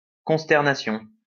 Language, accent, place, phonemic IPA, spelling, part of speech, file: French, France, Lyon, /kɔ̃s.tɛʁ.na.sjɔ̃/, consternation, noun, LL-Q150 (fra)-consternation.wav
- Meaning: consternation